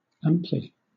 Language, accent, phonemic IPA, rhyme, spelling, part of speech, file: English, Southern England, /ˈæm.pli/, -æmpli, amply, adverb, LL-Q1860 (eng)-amply.wav
- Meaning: In an ample manner; extensively; thoroughly